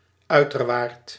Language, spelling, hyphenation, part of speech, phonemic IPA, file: Dutch, uiterwaard, ui‧ter‧waard, noun, /ˈœy̯.tərˌʋaːrt/, Nl-uiterwaard.ogg
- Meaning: a flood plain, a portion of land unprotected by dikes that is usually dry but is occasionally submerged by the rising water level of a river